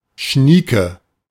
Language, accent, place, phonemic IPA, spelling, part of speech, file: German, Germany, Berlin, /ˈʃniːkə/, schnieke, adjective, De-schnieke.ogg
- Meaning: 1. very elegant, chic 2. great